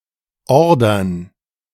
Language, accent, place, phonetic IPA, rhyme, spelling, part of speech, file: German, Germany, Berlin, [ˈɔʁdɐn], -ɔʁdɐn, Ordern, noun, De-Ordern.ogg
- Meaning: plural of Order